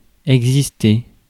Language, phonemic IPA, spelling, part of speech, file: French, /ɛɡ.zis.te/, exister, verb, Fr-exister.ogg
- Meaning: to exist